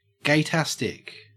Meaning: Extremely gay or appealing to gay people
- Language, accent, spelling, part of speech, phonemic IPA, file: English, Australia, gaytastic, adjective, /ɡeɪˈtæstɪk/, En-au-gaytastic.ogg